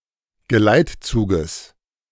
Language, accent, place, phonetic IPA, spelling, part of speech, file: German, Germany, Berlin, [ɡəˈlaɪ̯tˌt͡suːɡəs], Geleitzuges, noun, De-Geleitzuges.ogg
- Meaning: genitive singular of Geleitzug